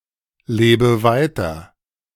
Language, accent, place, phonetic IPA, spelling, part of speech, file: German, Germany, Berlin, [ˌleːbə ˈvaɪ̯tɐ], lebe weiter, verb, De-lebe weiter.ogg
- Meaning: inflection of weiterleben: 1. first-person singular present 2. first/third-person singular subjunctive I 3. singular imperative